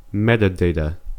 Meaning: Data that describes other data, serving as an informative label
- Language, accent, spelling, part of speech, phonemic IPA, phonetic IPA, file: English, US, metadata, noun, /ˈmɛt.əˌdeɪ.tə/, [ˈmɛɾ.əˌdeɪ.ɾə], En-us-metadata.ogg